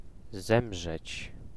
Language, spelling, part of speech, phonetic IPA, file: Polish, zemrzeć, verb, [ˈzɛ̃mʒɛt͡ɕ], Pl-zemrzeć.ogg